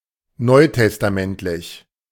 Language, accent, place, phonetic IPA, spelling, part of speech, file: German, Germany, Berlin, [ˈnɔɪ̯tɛstaˌmɛntlɪç], neutestamentlich, adjective, De-neutestamentlich.ogg
- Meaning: of the New Testament